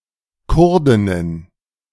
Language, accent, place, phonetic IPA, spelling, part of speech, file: German, Germany, Berlin, [ˈkʊʁdɪnən], Kurdinnen, noun, De-Kurdinnen.ogg
- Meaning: plural of Kurdin